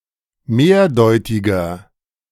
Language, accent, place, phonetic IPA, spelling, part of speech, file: German, Germany, Berlin, [ˈmeːɐ̯ˌdɔɪ̯tɪɡɐ], mehrdeutiger, adjective, De-mehrdeutiger.ogg
- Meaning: 1. comparative degree of mehrdeutig 2. inflection of mehrdeutig: strong/mixed nominative masculine singular 3. inflection of mehrdeutig: strong genitive/dative feminine singular